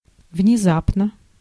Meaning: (adverb) suddenly, all of a sudden; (adjective) short neuter singular of внеза́пный (vnezápnyj, “sudden, unexpected”)
- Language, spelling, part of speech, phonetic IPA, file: Russian, внезапно, adverb / adjective, [vnʲɪˈzapnə], Ru-внезапно.ogg